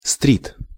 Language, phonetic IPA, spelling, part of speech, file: Russian, [strʲit], стрит, noun, Ru-стрит.ogg
- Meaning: alternative form of стрейт (strɛjt)